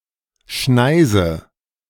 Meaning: 1. a path cut into a location: aisle, swath, swathe 2. a path cut into a location: ellipsis of Brandschneise (“firebreak”) 3. a path cut into a location: corridor 4. snare, sling, animal trap
- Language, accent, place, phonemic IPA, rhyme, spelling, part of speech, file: German, Germany, Berlin, /ˈʃnaɪ̯zə/, -aɪ̯zə, Schneise, noun, De-Schneise.ogg